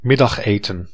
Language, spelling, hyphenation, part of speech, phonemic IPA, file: Dutch, middageten, mid‧dag‧eten, noun, /ˈmɪ.dɑx.eː.tən/, Nl-middageten.ogg
- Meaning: lunch